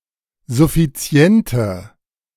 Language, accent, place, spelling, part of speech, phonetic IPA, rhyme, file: German, Germany, Berlin, suffiziente, adjective, [zʊfiˈt͡si̯ɛntə], -ɛntə, De-suffiziente.ogg
- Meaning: inflection of suffizient: 1. strong/mixed nominative/accusative feminine singular 2. strong nominative/accusative plural 3. weak nominative all-gender singular